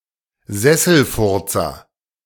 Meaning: pencil pusher
- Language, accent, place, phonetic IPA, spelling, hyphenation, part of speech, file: German, Germany, Berlin, [ˈzɛsl̩ˌfʊʁt͡sɐ], Sesselfurzer, Ses‧sel‧fur‧zer, noun, De-Sesselfurzer.ogg